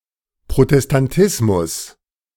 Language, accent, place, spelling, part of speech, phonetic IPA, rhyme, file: German, Germany, Berlin, Protestantismus, noun, [pʁotɛstanˈtɪsmʊs], -ɪsmʊs, De-Protestantismus.ogg
- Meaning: Protestantism